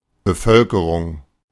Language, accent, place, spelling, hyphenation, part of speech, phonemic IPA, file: German, Germany, Berlin, Bevölkerung, Be‧völ‧ke‧rung, noun, /bəˈfœlkəʁʊŋ/, De-Bevölkerung.ogg
- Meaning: population